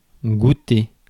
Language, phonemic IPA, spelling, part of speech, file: French, /ɡu.te/, goûter, verb / noun, Fr-goûter.ogg
- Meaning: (verb) 1. to taste, to try (to sample something orally) 2. to taste like 3. to approve, to appreciate; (noun) 1. nuncheon 2. meal similar to breakfast taken around 4 P.M